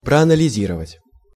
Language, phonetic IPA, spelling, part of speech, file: Russian, [prɐɐnəlʲɪˈzʲirəvətʲ], проанализировать, verb, Ru-проанализировать.ogg
- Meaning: to analyse